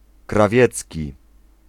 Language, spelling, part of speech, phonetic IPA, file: Polish, krawiecki, adjective, [kraˈvʲjɛt͡sʲci], Pl-krawiecki.ogg